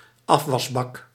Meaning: sink (for dishes)
- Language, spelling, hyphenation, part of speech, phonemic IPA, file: Dutch, afwasbak, af‧was‧bak, noun, /ˈɑf.ʋɑsˌbɑk/, Nl-afwasbak.ogg